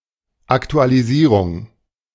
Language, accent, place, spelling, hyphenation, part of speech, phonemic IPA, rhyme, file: German, Germany, Berlin, Aktualisierung, Ak‧tu‧a‧li‧sie‧rung, noun, /ˌaktualiˈziːʁʊŋ/, -iːʁʊŋ, De-Aktualisierung.ogg
- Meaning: update